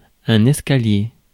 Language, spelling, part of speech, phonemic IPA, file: French, escalier, noun, /ɛs.ka.lje/, Fr-escalier.ogg
- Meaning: 1. step, stair 2. staircase